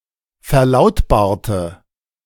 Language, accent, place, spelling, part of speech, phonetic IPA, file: German, Germany, Berlin, verlautbarte, adjective / verb, [fɛɐ̯ˈlaʊ̯tbaːɐ̯tə], De-verlautbarte.ogg
- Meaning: inflection of verlautbaren: 1. first/third-person singular preterite 2. first/third-person singular subjunctive II